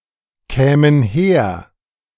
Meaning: first/third-person plural subjunctive II of herkommen
- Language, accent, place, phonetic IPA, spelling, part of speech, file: German, Germany, Berlin, [ˌkɛːmən ˈheːɐ̯], kämen her, verb, De-kämen her.ogg